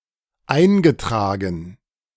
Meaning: 1. past participle of eintragen 2. registered (past participle of eintragen)
- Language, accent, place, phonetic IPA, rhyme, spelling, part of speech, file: German, Germany, Berlin, [ˈaɪ̯nɡəˌtʁaːɡn̩], -aɪ̯nɡətʁaːɡn̩, eingetragen, verb, De-eingetragen.ogg